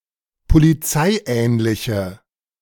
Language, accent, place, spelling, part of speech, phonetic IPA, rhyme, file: German, Germany, Berlin, polizeiähnliche, adjective, [poliˈt͡saɪ̯ˌʔɛːnlɪçə], -aɪ̯ʔɛːnlɪçə, De-polizeiähnliche.ogg
- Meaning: inflection of polizeiähnlich: 1. strong/mixed nominative/accusative feminine singular 2. strong nominative/accusative plural 3. weak nominative all-gender singular